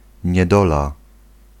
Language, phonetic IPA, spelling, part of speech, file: Polish, [ɲɛˈdɔla], niedola, noun, Pl-niedola.ogg